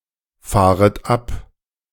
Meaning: second-person plural subjunctive I of abfahren
- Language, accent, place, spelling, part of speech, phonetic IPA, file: German, Germany, Berlin, fahret ab, verb, [ˌfaːʁət ˈap], De-fahret ab.ogg